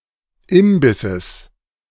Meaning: genitive singular of Imbiss
- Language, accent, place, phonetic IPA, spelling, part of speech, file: German, Germany, Berlin, [ˈɪmbɪsəs], Imbisses, noun, De-Imbisses.ogg